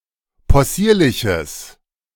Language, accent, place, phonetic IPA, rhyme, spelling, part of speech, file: German, Germany, Berlin, [pɔˈsiːɐ̯lɪçəs], -iːɐ̯lɪçəs, possierliches, adjective, De-possierliches.ogg
- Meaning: strong/mixed nominative/accusative neuter singular of possierlich